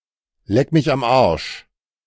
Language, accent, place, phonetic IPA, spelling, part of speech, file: German, Germany, Berlin, [lɛk mɪç am aʁʃ], leck mich am Arsch, interjection, De-leck mich am Arsch.ogg
- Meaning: kiss my ass